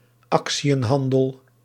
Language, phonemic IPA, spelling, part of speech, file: Dutch, /ˈɑk.si.ə(n)ˌɦɑn.dəl/, actiënhandel, noun, Nl-actiënhandel.ogg
- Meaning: alternative form of actiehandel